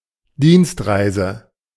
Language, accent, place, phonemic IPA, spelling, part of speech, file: German, Germany, Berlin, /ˈdiːnstˌʁaɪ̯zə/, Dienstreise, noun, De-Dienstreise.ogg
- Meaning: A business trip or other journey in an official or similar non-private capacity